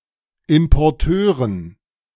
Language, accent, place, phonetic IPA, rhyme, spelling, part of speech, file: German, Germany, Berlin, [ɪmpɔʁˈtøːʁən], -øːʁən, Importeuren, noun, De-Importeuren.ogg
- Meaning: dative plural of Importeur